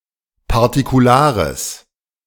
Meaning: strong/mixed nominative/accusative neuter singular of partikular
- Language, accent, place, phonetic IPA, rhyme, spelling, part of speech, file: German, Germany, Berlin, [paʁtikuˈlaːʁəs], -aːʁəs, partikulares, adjective, De-partikulares.ogg